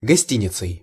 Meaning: instrumental singular of гости́ница (gostínica)
- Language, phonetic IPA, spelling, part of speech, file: Russian, [ɡɐˈsʲtʲinʲɪt͡sɨj], гостиницей, noun, Ru-гостиницей.ogg